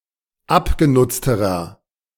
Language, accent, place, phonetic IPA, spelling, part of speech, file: German, Germany, Berlin, [ˈapɡeˌnʊt͡stəʁɐ], abgenutzterer, adjective, De-abgenutzterer.ogg
- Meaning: inflection of abgenutzt: 1. strong/mixed nominative masculine singular comparative degree 2. strong genitive/dative feminine singular comparative degree 3. strong genitive plural comparative degree